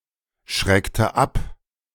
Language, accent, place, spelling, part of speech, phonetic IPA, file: German, Germany, Berlin, schreckte ab, verb, [ˌʃʁɛktə ˈap], De-schreckte ab.ogg
- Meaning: inflection of abschrecken: 1. first/third-person singular preterite 2. first/third-person singular subjunctive II